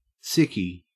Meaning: 1. A day, or time, off work due to (supposed) illness 2. A person who is unwell
- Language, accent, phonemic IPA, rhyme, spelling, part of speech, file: English, Australia, /ˈsɪki/, -ɪki, sickie, noun, En-au-sickie.ogg